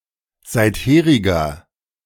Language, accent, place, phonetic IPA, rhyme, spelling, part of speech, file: German, Germany, Berlin, [ˌzaɪ̯tˈheːʁɪɡɐ], -eːʁɪɡɐ, seitheriger, adjective, De-seitheriger.ogg
- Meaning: inflection of seitherig: 1. strong/mixed nominative masculine singular 2. strong genitive/dative feminine singular 3. strong genitive plural